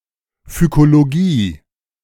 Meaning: 1. algology (the scientific study of algae) 2. phycology
- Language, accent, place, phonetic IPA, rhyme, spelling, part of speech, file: German, Germany, Berlin, [fykoloˈɡiː], -iː, Phykologie, noun, De-Phykologie.ogg